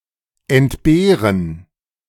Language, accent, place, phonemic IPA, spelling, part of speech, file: German, Germany, Berlin, /ɛntˈbeːʁən/, entbehren, verb, De-entbehren.ogg
- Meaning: 1. to do without, to dispense with 2. to be deprived of 3. to be without, to lack, to miss